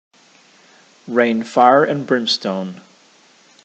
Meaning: To send horror or destruction
- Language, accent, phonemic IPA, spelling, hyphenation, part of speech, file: English, General American, /ˈɹeɪn ˈfaɪɚ(ə)n ˈbɹɪmˌstoʊn/, rain fire and brimstone, rain fire and brim‧stone, verb, En-us-rain fire and brimstone.ogg